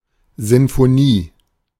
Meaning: symphony
- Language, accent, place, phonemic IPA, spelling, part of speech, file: German, Germany, Berlin, /ˌzɪnfoˈniː/, Sinfonie, noun, De-Sinfonie.ogg